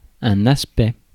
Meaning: 1. aspect 2. aspect (grammatical quality of a verb)
- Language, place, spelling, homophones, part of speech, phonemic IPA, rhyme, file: French, Paris, aspect, aspects, noun, /as.pɛ/, -ɛ, Fr-aspect.ogg